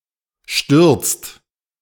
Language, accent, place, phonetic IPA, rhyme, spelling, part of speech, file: German, Germany, Berlin, [ʃtʏʁt͡st], -ʏʁt͡st, stürzt, verb, De-stürzt.ogg
- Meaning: inflection of stürzen: 1. second-person plural present 2. third-person singular present 3. plural imperative